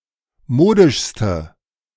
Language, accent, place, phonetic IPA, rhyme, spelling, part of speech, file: German, Germany, Berlin, [ˈmoːdɪʃstə], -oːdɪʃstə, modischste, adjective, De-modischste.ogg
- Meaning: inflection of modisch: 1. strong/mixed nominative/accusative feminine singular superlative degree 2. strong nominative/accusative plural superlative degree